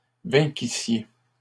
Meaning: second-person plural imperfect subjunctive of vaincre
- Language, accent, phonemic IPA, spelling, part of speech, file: French, Canada, /vɛ̃.ki.sje/, vainquissiez, verb, LL-Q150 (fra)-vainquissiez.wav